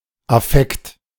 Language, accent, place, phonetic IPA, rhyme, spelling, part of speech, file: German, Germany, Berlin, [aˈfɛkt], -ɛkt, Affekt, noun, De-Affekt.ogg
- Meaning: affect (strong emotional experience)